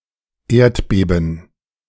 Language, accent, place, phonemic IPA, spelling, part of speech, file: German, Germany, Berlin, /ˈeːɐ̯tˌbeːbn̩/, Erdbeben, noun, De-Erdbeben.ogg
- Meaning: 1. earthquake 2. shudder